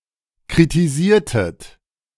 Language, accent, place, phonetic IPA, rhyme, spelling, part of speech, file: German, Germany, Berlin, [kʁitiˈziːɐ̯tət], -iːɐ̯tət, kritisiertet, verb, De-kritisiertet.ogg
- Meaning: inflection of kritisieren: 1. second-person plural preterite 2. second-person plural subjunctive II